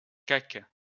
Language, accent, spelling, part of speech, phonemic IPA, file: French, France, caque, noun, /kak/, LL-Q150 (fra)-caque.wav
- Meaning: keg, barrel (especially for storing herring)